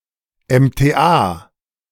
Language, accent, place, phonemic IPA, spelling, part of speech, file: German, Germany, Berlin, /ˌɛm.teˈ(ʔ)aː/, MTA, noun, De-MTA.ogg
- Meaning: 1. abbreviation of medizinisch-technischer Angestellter 2. abbreviation of medizinisch-technische Angestellte